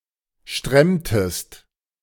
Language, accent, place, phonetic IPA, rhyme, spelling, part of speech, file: German, Germany, Berlin, [ˈʃtʁɛmtəst], -ɛmtəst, stremmtest, verb, De-stremmtest.ogg
- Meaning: inflection of stremmen: 1. second-person singular preterite 2. second-person singular subjunctive II